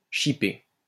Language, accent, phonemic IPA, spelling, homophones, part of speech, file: French, France, /ʃi.pe/, chiper, chipai / chipé / chipée / chipées / chipés / chipez, verb, LL-Q150 (fra)-chiper.wav
- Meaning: to pinch, steal, filch, rob